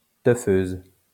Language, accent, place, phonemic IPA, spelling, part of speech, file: French, France, Lyon, /tœ.føz/, teufeuse, noun, LL-Q150 (fra)-teufeuse.wav
- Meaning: female equivalent of teufeur